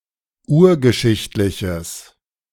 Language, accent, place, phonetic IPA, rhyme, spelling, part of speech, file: German, Germany, Berlin, [ˈuːɐ̯ɡəˌʃɪçtlɪçəs], -uːɐ̯ɡəʃɪçtlɪçəs, urgeschichtliches, adjective, De-urgeschichtliches.ogg
- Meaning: strong/mixed nominative/accusative neuter singular of urgeschichtlich